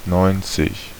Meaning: ninety
- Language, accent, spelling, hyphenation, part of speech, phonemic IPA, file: German, Germany, neunzig, neun‧zig, numeral, /nɔɪ̯ntsɪk/, De-neunzig.ogg